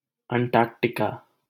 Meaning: Antarctica (the southernmost continent, south of the Southern Ocean, containing the South Pole)
- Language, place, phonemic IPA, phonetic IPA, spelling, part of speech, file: Hindi, Delhi, /əɳ.ʈɑːɾk.ʈɪ.kɑː/, [ɐ̃ɳ.ʈäːɾk.ʈɪ.käː], अंटार्कटिका, proper noun, LL-Q1568 (hin)-अंटार्कटिका.wav